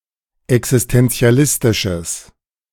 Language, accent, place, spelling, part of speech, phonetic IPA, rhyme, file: German, Germany, Berlin, existentialistisches, adjective, [ɛksɪstɛnt͡si̯aˈlɪstɪʃəs], -ɪstɪʃəs, De-existentialistisches.ogg
- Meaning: strong/mixed nominative/accusative neuter singular of existentialistisch